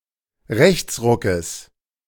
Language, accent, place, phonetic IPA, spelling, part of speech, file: German, Germany, Berlin, [ˈʁɛçt͡sˌʁʊkəs], Rechtsruckes, noun, De-Rechtsruckes.ogg
- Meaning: genitive singular of Rechtsruck